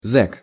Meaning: convict, inmate
- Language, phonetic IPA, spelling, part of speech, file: Russian, [zɛk], зэк, noun, Ru-зэк.ogg